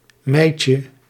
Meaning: diminutive of mijt
- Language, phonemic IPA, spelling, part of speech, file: Dutch, /ˈmɛicə/, mijtje, noun, Nl-mijtje.ogg